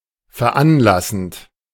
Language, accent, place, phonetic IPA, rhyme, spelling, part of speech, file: German, Germany, Berlin, [fɛɐ̯ˈʔanˌlasn̩t], -anlasn̩t, veranlassend, verb, De-veranlassend.ogg
- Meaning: present participle of veranlassen